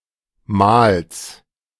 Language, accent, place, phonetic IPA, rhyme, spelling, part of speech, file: German, Germany, Berlin, [maːls], -aːls, Mahls, noun, De-Mahls.ogg
- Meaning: genitive singular of Mahl